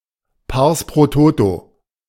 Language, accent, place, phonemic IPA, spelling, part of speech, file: German, Germany, Berlin, /ˌpaʁs pʁoː ˈtoːto/, Pars pro Toto, noun, De-Pars pro Toto.ogg
- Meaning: pars pro toto